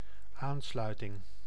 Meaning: 1. junction, connection (such as a power junction — stroomaansluiting) 2. liaison, relation, connection 3. connection, the act of connecting 4. link or linkage with other public transport lines
- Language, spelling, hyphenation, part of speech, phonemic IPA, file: Dutch, aansluiting, aan‧slui‧ting, noun, /ˈaːnˌslœy̯.tɪŋ/, Nl-aansluiting.ogg